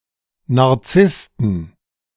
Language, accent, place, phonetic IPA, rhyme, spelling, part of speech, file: German, Germany, Berlin, [ˌnaʁˈt͡sɪstn̩], -ɪstn̩, Narzissten, noun, De-Narzissten.ogg
- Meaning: 1. genitive singular of Narzisst 2. plural of Narzisst